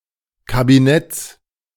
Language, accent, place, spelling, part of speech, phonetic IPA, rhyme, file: German, Germany, Berlin, Kabinetts, noun, [kabiˈnɛt͡s], -ɛt͡s, De-Kabinetts.ogg
- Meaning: genitive singular of Kabinett